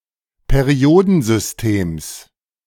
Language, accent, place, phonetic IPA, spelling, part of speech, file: German, Germany, Berlin, [peˈʁi̯oːdn̩zʏsˌteːms], Periodensystems, noun, De-Periodensystems.ogg
- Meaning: genitive singular of Periodensystem